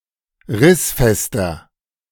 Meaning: 1. comparative degree of rissfest 2. inflection of rissfest: strong/mixed nominative masculine singular 3. inflection of rissfest: strong genitive/dative feminine singular
- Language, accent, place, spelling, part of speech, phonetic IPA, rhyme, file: German, Germany, Berlin, rissfester, adjective, [ˈʁɪsˌfɛstɐ], -ɪsfɛstɐ, De-rissfester.ogg